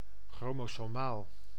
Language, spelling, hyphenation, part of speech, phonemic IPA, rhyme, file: Dutch, chromosomaal, chro‧mo‧so‧maal, adjective, /ˌxroː.moː.soːˈmaːl/, -aːl, Nl-chromosomaal.ogg
- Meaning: chromosomal